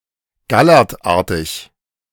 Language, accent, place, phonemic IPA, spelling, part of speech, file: German, Germany, Berlin, /ˈɡalərtˌaːrtɪɡ/, gallertartig, adjective, De-gallertartig.ogg
- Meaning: gelatinous